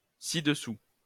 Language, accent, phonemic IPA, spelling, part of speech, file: French, France, /si.d(ə).sy/, ci-dessus, adverb, LL-Q150 (fra)-ci-dessus.wav
- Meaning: above, above here